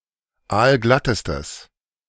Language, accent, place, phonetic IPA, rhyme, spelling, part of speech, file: German, Germany, Berlin, [ˈaːlˈɡlatəstəs], -atəstəs, aalglattestes, adjective, De-aalglattestes.ogg
- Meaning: strong/mixed nominative/accusative neuter singular superlative degree of aalglatt